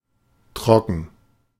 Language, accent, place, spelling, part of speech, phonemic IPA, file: German, Germany, Berlin, trocken, adjective, /ˈtʁɔkən/, De-trocken.ogg
- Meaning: 1. dry (not wet; lacking water) 2. dry (not sweet) 3. dry (abstinent after having had an alcohol problem) 4. dry (subtly humorous, and often mildly rude) 5. dry (dull, boring)